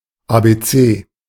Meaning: ABC, alphabet
- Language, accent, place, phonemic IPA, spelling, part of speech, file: German, Germany, Berlin, /ˌa(ː)beˈtseː/, Abc, noun, De-Abc.ogg